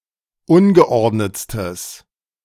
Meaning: strong/mixed nominative/accusative neuter singular superlative degree of ungeordnet
- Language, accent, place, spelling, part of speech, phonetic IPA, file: German, Germany, Berlin, ungeordnetstes, adjective, [ˈʊnɡəˌʔɔʁdnət͡stəs], De-ungeordnetstes.ogg